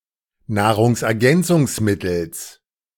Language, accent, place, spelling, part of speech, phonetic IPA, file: German, Germany, Berlin, Nahrungsergänzungsmittels, noun, [ˌnaːʁʊŋsʔɛɐ̯ˈɡɛnt͡sʊŋsˌmɪtl̩s], De-Nahrungsergänzungsmittels.ogg
- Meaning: genitive singular of Nahrungsergänzungsmittel